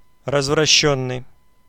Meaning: past passive perfective participle of разврати́ть (razvratítʹ)
- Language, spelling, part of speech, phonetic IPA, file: Russian, развращённый, verb, [rəzvrɐˈɕːɵnːɨj], Ru-развращённый.ogg